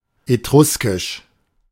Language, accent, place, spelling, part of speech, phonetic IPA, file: German, Germany, Berlin, etruskisch, adjective, [eˈtʁʊskɪʃ], De-etruskisch.ogg
- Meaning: Etruscan (related to ancient Etruria)